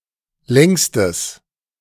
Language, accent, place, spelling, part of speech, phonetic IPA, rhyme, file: German, Germany, Berlin, längstes, adjective, [ˈlɛŋstəs], -ɛŋstəs, De-längstes.ogg
- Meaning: strong/mixed nominative/accusative neuter singular superlative degree of lang